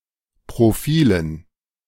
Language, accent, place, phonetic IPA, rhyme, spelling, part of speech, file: German, Germany, Berlin, [pʁoˈfiːlən], -iːlən, Profilen, noun, De-Profilen.ogg
- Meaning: dative plural of Profil